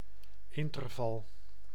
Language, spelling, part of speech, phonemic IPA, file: Dutch, interval, noun, /ˈɪntərvɑl/, Nl-interval.ogg
- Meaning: interval